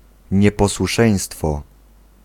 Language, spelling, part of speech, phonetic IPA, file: Polish, nieposłuszeństwo, noun, [ˌɲɛpɔswuˈʃɛ̃j̃stfɔ], Pl-nieposłuszeństwo.ogg